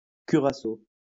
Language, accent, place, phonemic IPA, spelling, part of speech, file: French, France, Lyon, /ky.ʁa.so/, curaçao, noun, LL-Q150 (fra)-curaçao.wav
- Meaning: the orange peel-flavored liqueur curaçao